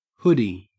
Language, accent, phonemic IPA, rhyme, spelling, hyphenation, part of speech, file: English, Australia, /ˈhʊdi/, -ʊdi, hoodie, hood‧ie, noun, En-au-hoodie.ogg
- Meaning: A sweatshirt with an integral hood and, sometimes, a large kangaroo pocket at the front